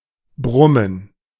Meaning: mutter
- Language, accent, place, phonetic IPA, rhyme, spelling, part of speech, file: German, Germany, Berlin, [ˈbʁʊmən], -ʊmən, Brummen, noun, De-Brummen.ogg